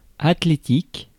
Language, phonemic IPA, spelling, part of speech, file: French, /at.le.tik/, athlétique, adjective, Fr-athlétique.ogg
- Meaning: athletic (having a muscular, well developed body, being in shape)